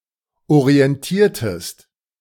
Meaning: inflection of orientieren: 1. second-person singular preterite 2. second-person singular subjunctive II
- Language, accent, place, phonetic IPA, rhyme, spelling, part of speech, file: German, Germany, Berlin, [oʁiɛnˈtiːɐ̯təst], -iːɐ̯təst, orientiertest, verb, De-orientiertest.ogg